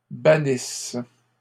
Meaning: inflection of bannir: 1. first/third-person singular present subjunctive 2. first-person singular imperfect subjunctive
- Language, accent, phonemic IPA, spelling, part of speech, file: French, Canada, /ba.nis/, bannisse, verb, LL-Q150 (fra)-bannisse.wav